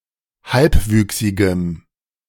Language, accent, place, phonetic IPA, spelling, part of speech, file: German, Germany, Berlin, [ˈhalpˌvyːksɪɡəm], halbwüchsigem, adjective, De-halbwüchsigem.ogg
- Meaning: strong dative masculine/neuter singular of halbwüchsig